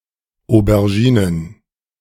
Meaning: plural of Aubergine
- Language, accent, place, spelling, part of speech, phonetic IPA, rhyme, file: German, Germany, Berlin, Auberginen, noun, [ˌobɛʁˈʒiːnən], -iːnən, De-Auberginen.ogg